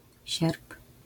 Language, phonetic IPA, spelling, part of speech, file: Polish, [ɕɛrp], sierp, noun, LL-Q809 (pol)-sierp.wav